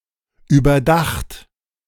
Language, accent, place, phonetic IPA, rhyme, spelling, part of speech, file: German, Germany, Berlin, [yːbɐˈdaxt], -axt, überdacht, adjective / verb, De-überdacht.ogg
- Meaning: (verb) past participle of überdenken; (adjective) thought through, thought out; (re)considered; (verb) past participle of überdachen; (adjective) roofed, having a roof or canopy